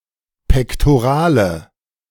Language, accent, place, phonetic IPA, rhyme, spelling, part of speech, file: German, Germany, Berlin, [pɛktoˈʁaːlə], -aːlə, pektorale, adjective, De-pektorale.ogg
- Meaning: inflection of pektoral: 1. strong/mixed nominative/accusative feminine singular 2. strong nominative/accusative plural 3. weak nominative all-gender singular